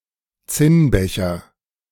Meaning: tin cup
- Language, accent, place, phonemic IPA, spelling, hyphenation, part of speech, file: German, Germany, Berlin, /ˈt͡sɪnˌbɛçɐ/, Zinnbecher, Zinn‧be‧cher, noun, De-Zinnbecher.ogg